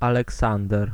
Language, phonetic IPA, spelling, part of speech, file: Polish, [ˌalɛˈksãndɛr], Aleksander, proper noun / noun, Pl-Aleksander.ogg